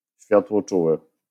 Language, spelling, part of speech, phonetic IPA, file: Polish, światłoczuły, adjective, [ˌɕfʲjatwɔˈt͡ʃuwɨ], LL-Q809 (pol)-światłoczuły.wav